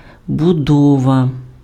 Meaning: 1. building, construction, edifice 2. building, construction (the act of building or constructing) 3. construction, structure (the manner in which something is built)
- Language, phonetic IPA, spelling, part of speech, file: Ukrainian, [bʊˈdɔʋɐ], будова, noun, Uk-будова.ogg